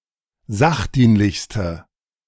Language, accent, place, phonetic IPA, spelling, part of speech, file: German, Germany, Berlin, [ˈzaxˌdiːnlɪçstə], sachdienlichste, adjective, De-sachdienlichste.ogg
- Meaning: inflection of sachdienlich: 1. strong/mixed nominative/accusative feminine singular superlative degree 2. strong nominative/accusative plural superlative degree